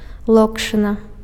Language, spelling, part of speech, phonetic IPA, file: Belarusian, локшына, noun, [ˈɫokʂɨna], Be-локшына.ogg
- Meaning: noodles